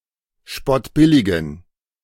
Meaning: inflection of spottbillig: 1. strong genitive masculine/neuter singular 2. weak/mixed genitive/dative all-gender singular 3. strong/weak/mixed accusative masculine singular 4. strong dative plural
- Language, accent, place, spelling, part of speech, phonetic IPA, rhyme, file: German, Germany, Berlin, spottbilligen, adjective, [ˈʃpɔtˌbɪlɪɡn̩], -ɪlɪɡn̩, De-spottbilligen.ogg